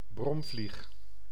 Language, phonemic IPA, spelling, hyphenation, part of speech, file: Dutch, /ˈbrɔm.vlix/, bromvlieg, brom‧vlieg, noun, Nl-bromvlieg.ogg
- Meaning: a blowfly, a bluebottle, fly of the family Calliphoridae